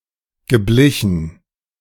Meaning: past participle of bleichen
- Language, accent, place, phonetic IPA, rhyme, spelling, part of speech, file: German, Germany, Berlin, [ɡəˈblɪçn̩], -ɪçn̩, geblichen, verb, De-geblichen.ogg